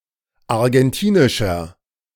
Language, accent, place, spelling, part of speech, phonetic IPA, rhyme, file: German, Germany, Berlin, argentinischer, adjective, [aʁɡɛnˈtiːnɪʃɐ], -iːnɪʃɐ, De-argentinischer.ogg
- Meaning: inflection of argentinisch: 1. strong/mixed nominative masculine singular 2. strong genitive/dative feminine singular 3. strong genitive plural